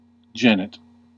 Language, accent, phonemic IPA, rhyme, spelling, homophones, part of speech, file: English, US, /ˈd͡ʒɛnɪt/, -ɛnɪt, genet, jennet, noun, En-us-genet.ogg
- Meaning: Any of several Old World nocturnal, carnivorous mammals, of the genus Genetta, most of which have a spotted coat and a long, ringed tail